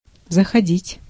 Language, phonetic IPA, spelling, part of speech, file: Russian, [zəxɐˈdʲitʲ], заходить, verb, Ru-заходить.ogg
- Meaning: 1. to go (to see), to come in (to see, etc.), to call, to drop in 2. to pick up, to fetch 3. to call at, to enter (a port) 4. to get, to advance 5. to pass, to draw out 6. to approach 7. to outflank